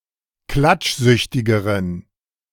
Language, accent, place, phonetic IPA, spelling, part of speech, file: German, Germany, Berlin, [ˈklat͡ʃˌzʏçtɪɡəʁən], klatschsüchtigeren, adjective, De-klatschsüchtigeren.ogg
- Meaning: inflection of klatschsüchtig: 1. strong genitive masculine/neuter singular comparative degree 2. weak/mixed genitive/dative all-gender singular comparative degree